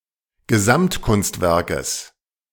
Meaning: genitive of Gesamtkunstwerk
- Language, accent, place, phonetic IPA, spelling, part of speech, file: German, Germany, Berlin, [ɡəˈzamtˌkʊnstvɛʁkəs], Gesamtkunstwerkes, noun, De-Gesamtkunstwerkes.ogg